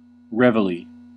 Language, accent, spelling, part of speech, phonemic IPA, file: English, US, reveille, noun, /ˈɹɛ.və.li/, En-us-reveille.ogg
- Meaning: The sounding of a bugle or drum early in the morning to awaken soldiers